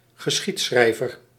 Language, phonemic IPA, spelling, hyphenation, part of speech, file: Dutch, /ɣəˈsxitˌsxrɛi̯.vər/, geschiedschrijver, ge‧schied‧schrij‧ver, noun, Nl-geschiedschrijver.ogg
- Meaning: a historian, one who writes a history